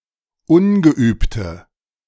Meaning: inflection of ungeübt: 1. strong/mixed nominative/accusative feminine singular 2. strong nominative/accusative plural 3. weak nominative all-gender singular 4. weak accusative feminine/neuter singular
- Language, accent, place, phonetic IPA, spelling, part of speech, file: German, Germany, Berlin, [ˈʊnɡəˌʔyːptə], ungeübte, adjective, De-ungeübte.ogg